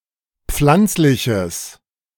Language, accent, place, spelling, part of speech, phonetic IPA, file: German, Germany, Berlin, pflanzliches, adjective, [ˈp͡flant͡slɪçəs], De-pflanzliches.ogg
- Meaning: strong/mixed nominative/accusative neuter singular of pflanzlich